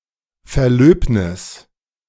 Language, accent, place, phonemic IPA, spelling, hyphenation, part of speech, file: German, Germany, Berlin, /ˌfɛɐ̯ˈløːbnɪs/, Verlöbnis, Ver‧löb‧nis, noun, De-Verlöbnis.ogg
- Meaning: engagement, betrothal (A promise to wed.)